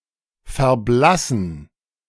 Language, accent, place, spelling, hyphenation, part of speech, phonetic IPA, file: German, Germany, Berlin, verblassen, ver‧blas‧sen, verb, [fɛɐ̯ˈblasn̩], De-verblassen.ogg
- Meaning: to fade